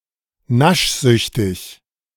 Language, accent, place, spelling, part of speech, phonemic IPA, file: German, Germany, Berlin, naschsüchtig, adjective, /ˈnaʃˌzʏçtɪç/, De-naschsüchtig.ogg
- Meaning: greedy (addicted to eating)